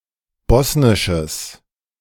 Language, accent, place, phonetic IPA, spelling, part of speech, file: German, Germany, Berlin, [ˈbɔsnɪʃəs], bosnisches, adjective, De-bosnisches.ogg
- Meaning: strong/mixed nominative/accusative neuter singular of bosnisch